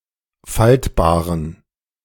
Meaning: inflection of faltbar: 1. strong genitive masculine/neuter singular 2. weak/mixed genitive/dative all-gender singular 3. strong/weak/mixed accusative masculine singular 4. strong dative plural
- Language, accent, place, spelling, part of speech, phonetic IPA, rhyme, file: German, Germany, Berlin, faltbaren, adjective, [ˈfaltbaːʁən], -altbaːʁən, De-faltbaren.ogg